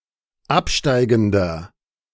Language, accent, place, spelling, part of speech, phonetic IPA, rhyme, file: German, Germany, Berlin, absteigender, adjective, [ˈapˌʃtaɪ̯ɡn̩dɐ], -apʃtaɪ̯ɡn̩dɐ, De-absteigender.ogg
- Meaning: 1. comparative degree of absteigend 2. inflection of absteigend: strong/mixed nominative masculine singular 3. inflection of absteigend: strong genitive/dative feminine singular